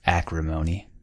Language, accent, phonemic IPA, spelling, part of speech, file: English, US, /ˈækɹɪˌmoʊni/, acrimony, noun, En-us-acrimony.ogg
- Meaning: A sharp and bitter hatred